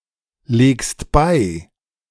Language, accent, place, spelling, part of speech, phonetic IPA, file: German, Germany, Berlin, legst bei, verb, [ˌleːkst ˈbaɪ̯], De-legst bei.ogg
- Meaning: second-person singular present of beilegen